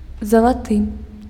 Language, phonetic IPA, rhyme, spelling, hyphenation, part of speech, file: Belarusian, [zaɫaˈtɨ], -tɨ, залаты, за‧ла‧ты, adjective / noun, Be-залаты.ogg
- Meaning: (adjective) 1. gold, golden 2. gold, golden, aureous 3. golden, wonderful, great, excellent 4. dear, darling 5. prohibitively expensive; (noun) gold coin